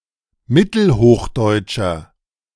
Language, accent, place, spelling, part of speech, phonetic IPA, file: German, Germany, Berlin, mittelhochdeutscher, adjective, [ˈmɪtl̩ˌhoːxdɔɪ̯tʃɐ], De-mittelhochdeutscher.ogg
- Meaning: inflection of mittelhochdeutsch: 1. strong/mixed nominative masculine singular 2. strong genitive/dative feminine singular 3. strong genitive plural